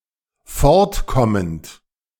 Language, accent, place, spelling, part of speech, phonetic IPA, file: German, Germany, Berlin, fortkommend, verb, [ˈfɔʁtˌkɔmənt], De-fortkommend.ogg
- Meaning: present participle of fortkommen